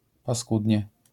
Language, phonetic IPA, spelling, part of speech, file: Polish, [paˈskudʲɲɛ], paskudnie, adverb, LL-Q809 (pol)-paskudnie.wav